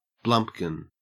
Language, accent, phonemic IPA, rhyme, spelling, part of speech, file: English, Australia, /ˈblʌmp.kɪn/, -ʌmpkɪn, blumpkin, noun, En-au-blumpkin.ogg
- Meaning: The act of performing fellatio whilst the recipient is defecating on the toilet